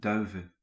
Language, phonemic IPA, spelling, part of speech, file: Dutch, /ˈdœyvə(n)/, duiven, noun, Nl-duiven.ogg
- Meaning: plural of duif